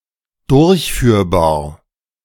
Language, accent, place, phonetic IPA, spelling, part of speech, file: German, Germany, Berlin, [ˈdʊʁçˌfyːɐ̯baːɐ̯], durchführbar, adjective, De-durchführbar.ogg
- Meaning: feasible